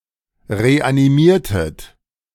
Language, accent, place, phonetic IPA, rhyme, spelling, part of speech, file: German, Germany, Berlin, [ʁeʔaniˈmiːɐ̯tət], -iːɐ̯tət, reanimiertet, verb, De-reanimiertet.ogg
- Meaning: inflection of reanimieren: 1. second-person plural preterite 2. second-person plural subjunctive II